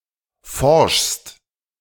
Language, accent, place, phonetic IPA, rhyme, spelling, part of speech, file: German, Germany, Berlin, [fɔʁʃst], -ɔʁʃst, forschst, verb, De-forschst.ogg
- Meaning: second-person singular present of forschen